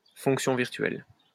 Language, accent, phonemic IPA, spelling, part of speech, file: French, France, /fɔ̃k.sjɔ̃ viʁ.tɥɛl/, fonction virtuelle, noun, LL-Q150 (fra)-fonction virtuelle.wav
- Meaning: virtual function